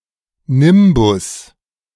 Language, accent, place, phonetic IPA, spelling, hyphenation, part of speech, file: German, Germany, Berlin, [ˈnɪmbʊs], Nimbus, Nim‧bus, noun, De-Nimbus.ogg
- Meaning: 1. aureola, aureole 2. nimbus